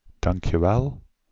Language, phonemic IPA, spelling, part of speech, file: Dutch, /ˌdɑŋk.jəˈʋɛl/, dankjewel, interjection, Nl-dankjewel.ogg
- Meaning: alternative spelling of dank je wel